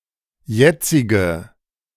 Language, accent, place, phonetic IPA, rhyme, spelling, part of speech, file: German, Germany, Berlin, [ˈjɛt͡sɪɡə], -ɛt͡sɪɡə, jetzige, adjective, De-jetzige.ogg
- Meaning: inflection of jetzig: 1. strong/mixed nominative/accusative feminine singular 2. strong nominative/accusative plural 3. weak nominative all-gender singular 4. weak accusative feminine/neuter singular